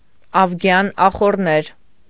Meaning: Augean stables
- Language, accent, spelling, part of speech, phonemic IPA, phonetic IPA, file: Armenian, Eastern Armenian, ավգյան ախոռներ, proper noun, /ɑvˈɡjɑn ɑχorˈneɾ/, [ɑvɡjɑ́n ɑχornéɾ], Hy-ավգյան ախոռներ.ogg